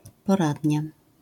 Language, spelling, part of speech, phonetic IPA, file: Polish, poradnia, noun, [pɔˈradʲɲa], LL-Q809 (pol)-poradnia.wav